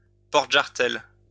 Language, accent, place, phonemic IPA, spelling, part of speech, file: French, France, Lyon, /pɔʁ.t(ə).ʒaʁ.tɛl/, porte-jarretelles, noun, LL-Q150 (fra)-porte-jarretelles.wav
- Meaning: suspender belt (UK), garter belt (US)